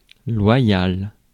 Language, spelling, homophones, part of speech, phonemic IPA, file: French, loyal, loyale / loyales, adjective, /lwa.jal/, Fr-loyal.ogg
- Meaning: 1. loyal, faithful 2. fair, honest